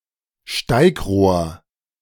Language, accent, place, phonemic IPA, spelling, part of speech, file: German, Germany, Berlin, /ˈʃtaɪ̯kˌʁoːɐ̯/, Steigrohr, noun, De-Steigrohr.ogg
- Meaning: 1. riser (vertical water pipe) 2. standpipe